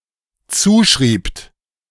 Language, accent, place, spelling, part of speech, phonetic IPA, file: German, Germany, Berlin, zuschriebt, verb, [ˈt͡suːˌʃʁiːpt], De-zuschriebt.ogg
- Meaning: second-person plural dependent preterite of zuschreiben